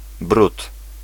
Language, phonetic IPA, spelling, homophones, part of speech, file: Polish, [brut], brud, bród, noun, Pl-brud.ogg